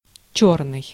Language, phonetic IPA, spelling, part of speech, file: Russian, [ˈt͡ɕɵrnɨj], чёрный, adjective / noun, Ru-чёрный.ogg
- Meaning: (adjective) 1. black 2. rough, coarse 3. back (stairs, entrance, etc.) 4. unskilled, manual 5. ferrous; iron and steel 6. dark, swarthy; dark-haired, black-haired